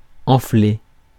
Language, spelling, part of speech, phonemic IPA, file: French, enfler, verb, /ɑ̃.fle/, Fr-enfler.ogg
- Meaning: 1. to inflate 2. to fill 3. to build up (an emotion) 4. to swell up